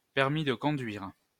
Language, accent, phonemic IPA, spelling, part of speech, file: French, France, /pɛʁ.mi d(ə) kɔ̃.dɥiʁ/, permis de conduire, noun, LL-Q150 (fra)-permis de conduire.wav
- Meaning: driver's license, driving licence